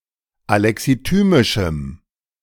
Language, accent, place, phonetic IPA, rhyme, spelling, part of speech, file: German, Germany, Berlin, [alɛksiˈtyːmɪʃm̩], -yːmɪʃm̩, alexithymischem, adjective, De-alexithymischem.ogg
- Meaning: strong dative masculine/neuter singular of alexithymisch